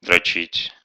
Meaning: 1. to jerk off, to wank, to beat off (to masturbate) 2. to tease, to humiliate, to punish; to train to exhaustion 3. to perfect a skill 4. to pat, to cherish, to pamper
- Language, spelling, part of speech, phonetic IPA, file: Russian, дрочить, verb, [drɐˈt͡ɕitʲ], Ru-дрочи́ть.ogg